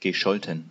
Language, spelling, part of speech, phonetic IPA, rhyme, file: German, gescholten, verb, [ɡəˈʃɔltn̩], -ɔltn̩, De-gescholten.ogg
- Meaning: past participle of schelten